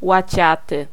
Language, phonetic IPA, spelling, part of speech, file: Polish, [waˈt͡ɕatɨ], łaciaty, adjective, Pl-łaciaty.ogg